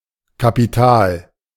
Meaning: 1. magnificent, marvelous to look at 2. significant, important, archetypical
- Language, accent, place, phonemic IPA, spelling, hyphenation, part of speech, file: German, Germany, Berlin, /kapiˈtaːl/, kapital, ka‧pi‧tal, adjective, De-kapital.ogg